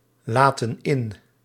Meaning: inflection of inlaten: 1. plural present indicative 2. plural present subjunctive
- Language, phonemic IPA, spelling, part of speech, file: Dutch, /ˈlatə(n) ˈɪn/, laten in, verb, Nl-laten in.ogg